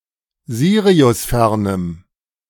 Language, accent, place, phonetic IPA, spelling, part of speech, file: German, Germany, Berlin, [ˈziːʁiʊsˌfɛʁnəm], siriusfernem, adjective, De-siriusfernem.ogg
- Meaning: strong dative masculine/neuter singular of siriusfern